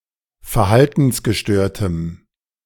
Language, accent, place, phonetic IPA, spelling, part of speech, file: German, Germany, Berlin, [fɛɐ̯ˈhaltn̩sɡəˌʃtøːɐ̯təm], verhaltensgestörtem, adjective, De-verhaltensgestörtem.ogg
- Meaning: strong dative masculine/neuter singular of verhaltensgestört